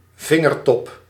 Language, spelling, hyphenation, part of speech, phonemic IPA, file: Dutch, vingertop, vin‧ger‧top, noun, /ˈvɪ.ŋərˌtɔp/, Nl-vingertop.ogg
- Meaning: fingertip